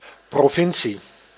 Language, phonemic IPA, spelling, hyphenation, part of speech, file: Dutch, /ˌproːˈvɪn.si/, provincie, pro‧vin‧cie, noun, Nl-provincie.ogg
- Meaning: 1. province 2. countryside, hinterland